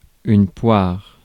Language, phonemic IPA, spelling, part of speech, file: French, /pwaʁ/, poire, noun, Fr-poire.ogg
- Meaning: 1. pear 2. mug, sucker, soft touch 3. mush, face 4. a bulb, usually pear-shaped, used to collect gases or liquids, such as that of a dropper 5. pear brandy